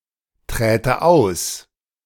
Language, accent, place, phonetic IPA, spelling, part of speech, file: German, Germany, Berlin, [ˌtʁeːtə ˈaʊ̯s], träte aus, verb, De-träte aus.ogg
- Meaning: first/third-person singular subjunctive II of austreten